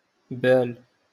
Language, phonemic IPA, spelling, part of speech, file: Moroccan Arabic, /baːl/, بال, verb / noun, LL-Q56426 (ary)-بال.wav
- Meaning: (verb) to urinate; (noun) mind, state